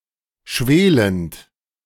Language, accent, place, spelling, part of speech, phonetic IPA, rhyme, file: German, Germany, Berlin, schwelend, verb, [ˈʃveːlənt], -eːlənt, De-schwelend.ogg
- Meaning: present participle of schwelen